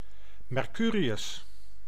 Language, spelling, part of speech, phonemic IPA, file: Dutch, Mercurius, proper noun, /mɛrˈkyː.ri.ʏs/, Nl-Mercurius.ogg
- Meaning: 1. the planet Mercury 2. Mercury, the Roman god